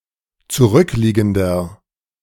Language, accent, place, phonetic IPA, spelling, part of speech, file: German, Germany, Berlin, [t͡suˈʁʏkˌliːɡn̩dɐ], zurückliegender, adjective, De-zurückliegender.ogg
- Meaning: inflection of zurückliegend: 1. strong/mixed nominative masculine singular 2. strong genitive/dative feminine singular 3. strong genitive plural